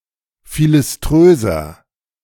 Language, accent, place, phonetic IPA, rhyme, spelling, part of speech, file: German, Germany, Berlin, [ˌfilɪsˈtʁøːzɐ], -øːzɐ, philiströser, adjective, De-philiströser.ogg
- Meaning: 1. comparative degree of philiströs 2. inflection of philiströs: strong/mixed nominative masculine singular 3. inflection of philiströs: strong genitive/dative feminine singular